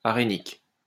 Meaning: arenic
- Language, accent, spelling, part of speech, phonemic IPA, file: French, France, arénique, adjective, /a.ʁe.nik/, LL-Q150 (fra)-arénique.wav